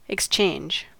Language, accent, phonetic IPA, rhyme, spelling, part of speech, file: English, US, [ɛkˈst͡ʃeɪnd͡ʒ], -eɪndʒ, exchange, noun / verb, En-us-exchange.ogg
- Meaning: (noun) 1. An act of exchanging or trading 2. A place for conducting trading 3. Ellipsis of telephone exchange.: A central office